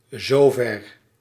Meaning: so far, as far as (often written zo ver)
- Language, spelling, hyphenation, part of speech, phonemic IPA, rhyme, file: Dutch, zover, zo‧ver, adverb, /zoːˈvɛr/, -ɛr, Nl-zover.ogg